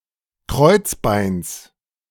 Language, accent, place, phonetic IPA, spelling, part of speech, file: German, Germany, Berlin, [ˈkʁɔɪ̯t͡sˌbaɪ̯ns], Kreuzbeins, noun, De-Kreuzbeins.ogg
- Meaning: genitive singular of Kreuzbein